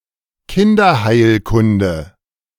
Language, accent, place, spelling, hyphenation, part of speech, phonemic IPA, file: German, Germany, Berlin, Kinderheilkunde, Kin‧der‧heil‧kun‧de, noun, /ˈkɪndɐˌhaɪ̯lkʊndə/, De-Kinderheilkunde.ogg
- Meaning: pediatrics (branch of medicine that deals with the treatment of children)